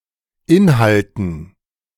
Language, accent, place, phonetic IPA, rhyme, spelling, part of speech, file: German, Germany, Berlin, [ˈɪnhaltn̩], -ɪnhaltn̩, Inhalten, noun, De-Inhalten.ogg
- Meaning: dative plural of Inhalt